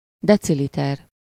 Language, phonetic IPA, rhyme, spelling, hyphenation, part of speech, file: Hungarian, [ˈdɛt͡silitɛr], -ɛr, deciliter, de‧ci‧li‧ter, noun, Hu-deciliter.ogg
- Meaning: decilitre, deciliter (US) (an SI unit of fluid, symbol: dl)